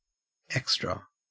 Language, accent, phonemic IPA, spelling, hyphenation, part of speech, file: English, Australia, /ˈɛkstɹə/, extra, ex‧tra, adjective / adverb / noun, En-au-extra.ogg
- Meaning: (adjective) 1. Beyond what is due, usual, expected, or necessary; extraneous; additional; supernumerary 2. Extraordinarily good; superior